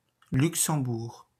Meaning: 1. Luxembourg (a small country in Western Europe) 2. Luxembourg (a province of Wallonia, Belgium) 3. Luxembourg, Luxembourg City (the capital city of Luxembourg)
- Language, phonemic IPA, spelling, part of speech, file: French, /lyk.sɑ̃.buʁ/, Luxembourg, proper noun, Fr-Luxembourg.wav